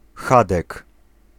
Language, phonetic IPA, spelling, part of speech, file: Polish, [ˈxadɛk], chadek, noun, Pl-chadek.ogg